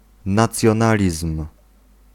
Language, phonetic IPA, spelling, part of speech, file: Polish, [ˌnat͡sʲjɔ̃ˈnalʲism̥], nacjonalizm, noun, Pl-nacjonalizm.ogg